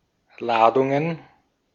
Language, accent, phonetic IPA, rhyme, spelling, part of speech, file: German, Austria, [ˈlaːdʊŋən], -aːdʊŋən, Ladungen, noun, De-at-Ladungen.ogg
- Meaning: plural of Ladung